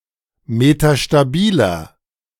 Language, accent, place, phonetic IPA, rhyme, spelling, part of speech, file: German, Germany, Berlin, [metaʃtaˈbiːlɐ], -iːlɐ, metastabiler, adjective, De-metastabiler.ogg
- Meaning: inflection of metastabil: 1. strong/mixed nominative masculine singular 2. strong genitive/dative feminine singular 3. strong genitive plural